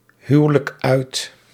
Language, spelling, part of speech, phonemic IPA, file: Dutch, huwelijk uit, verb, /ˈhywᵊlək ˈœyt/, Nl-huwelijk uit.ogg
- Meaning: inflection of uithuwelijken: 1. first-person singular present indicative 2. second-person singular present indicative 3. imperative